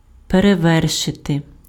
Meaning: to surpass, to outdo, to outclass, to outmatch, to outrival, to outshine, to outvie, to top
- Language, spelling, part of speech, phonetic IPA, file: Ukrainian, перевершити, verb, [pereˈʋɛrʃete], Uk-перевершити.ogg